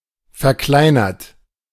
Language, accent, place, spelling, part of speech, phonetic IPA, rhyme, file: German, Germany, Berlin, verkleinert, verb, [fɛɐ̯ˈklaɪ̯nɐt], -aɪ̯nɐt, De-verkleinert.ogg
- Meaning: 1. past participle of verkleinern 2. inflection of verkleinern: third-person singular present 3. inflection of verkleinern: second-person plural present 4. inflection of verkleinern: plural imperative